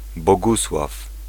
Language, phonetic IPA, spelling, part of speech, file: Polish, [bɔˈɡuswaf], Bogusław, proper noun / noun, Pl-Bogusław.ogg